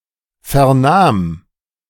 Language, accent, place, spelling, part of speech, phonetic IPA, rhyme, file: German, Germany, Berlin, vernahm, verb, [fɛɐ̯ˈnaːm], -aːm, De-vernahm.ogg
- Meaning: first/third-person singular preterite of vernehmen